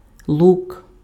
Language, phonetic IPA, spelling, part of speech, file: Ukrainian, [ɫuk], лук, noun, Uk-лук.ogg
- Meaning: bow (weapon used for shooting arrows)